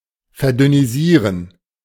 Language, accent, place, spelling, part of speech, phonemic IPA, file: German, Germany, Berlin, verdünnisieren, verb, /ferˌdʏniˈziːrən/, De-verdünnisieren.ogg
- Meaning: to head off, sneak off, abscond (leave a place, often abruptly and/or clandestinely)